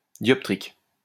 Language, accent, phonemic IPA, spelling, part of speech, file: French, France, /djɔp.tʁik/, dioptrique, adjective / noun, LL-Q150 (fra)-dioptrique.wav
- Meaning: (adjective) dioptric; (noun) dioptrics